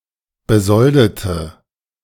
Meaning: inflection of besolden: 1. first/third-person singular preterite 2. first/third-person singular subjunctive II
- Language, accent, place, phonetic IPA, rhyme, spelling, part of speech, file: German, Germany, Berlin, [bəˈzɔldətə], -ɔldətə, besoldete, adjective / verb, De-besoldete.ogg